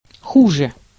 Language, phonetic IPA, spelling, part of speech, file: Russian, [ˈxuʐɨ], хуже, adverb / adjective, Ru-хуже.ogg
- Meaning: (adverb) 1. comparative degree of пло́хо (plóxo) 2. comparative degree of ху́до (xúdo); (adjective) 1. comparative degree of плохо́й (ploxój) 2. comparative degree of худо́й (xudój)